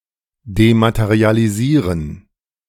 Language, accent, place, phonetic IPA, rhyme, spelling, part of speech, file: German, Germany, Berlin, [dematəʁialiˈziːʁən], -iːʁən, dematerialisieren, verb, De-dematerialisieren.ogg
- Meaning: to dematerialize